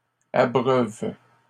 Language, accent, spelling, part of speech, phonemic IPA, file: French, Canada, abreuves, verb, /a.bʁœv/, LL-Q150 (fra)-abreuves.wav
- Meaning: second-person singular present indicative/subjunctive of abreuver